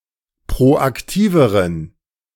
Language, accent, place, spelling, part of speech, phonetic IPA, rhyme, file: German, Germany, Berlin, proaktiveren, adjective, [pʁoʔakˈtiːvəʁən], -iːvəʁən, De-proaktiveren.ogg
- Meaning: inflection of proaktiv: 1. strong genitive masculine/neuter singular comparative degree 2. weak/mixed genitive/dative all-gender singular comparative degree